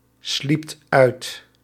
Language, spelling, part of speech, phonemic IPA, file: Dutch, sliept uit, verb, /ˈslipt ˈœyt/, Nl-sliept uit.ogg
- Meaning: second-person (gij) singular past indicative of uitslapen